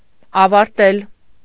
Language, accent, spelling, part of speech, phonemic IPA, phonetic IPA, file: Armenian, Eastern Armenian, ավարտել, verb, /ɑvɑɾˈtel/, [ɑvɑɾtél], Hy-ավարտել.ogg
- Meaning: to finish, to end